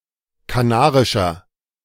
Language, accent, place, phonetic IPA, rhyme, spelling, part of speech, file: German, Germany, Berlin, [kaˈnaːʁɪʃɐ], -aːʁɪʃɐ, kanarischer, adjective, De-kanarischer.ogg
- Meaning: inflection of kanarisch: 1. strong/mixed nominative masculine singular 2. strong genitive/dative feminine singular 3. strong genitive plural